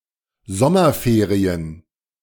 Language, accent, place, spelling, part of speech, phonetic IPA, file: German, Germany, Berlin, Sommerferien, noun, [ˈzɔmɐˌfeːʁiən], De-Sommerferien.ogg
- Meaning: summer holidays, summer vacation, summer break